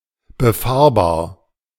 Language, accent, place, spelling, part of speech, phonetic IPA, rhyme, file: German, Germany, Berlin, befahrbar, adjective, [bəˈfaːɐ̯baːɐ̯], -aːɐ̯baːɐ̯, De-befahrbar.ogg
- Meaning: driveable, navigable, passable, open to traffic